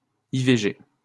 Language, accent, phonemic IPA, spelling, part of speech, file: French, France, /i.ve.ʒe/, IVG, noun, LL-Q150 (fra)-IVG.wav
- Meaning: initialism of interruption volontaire de grossesse, an induced abortion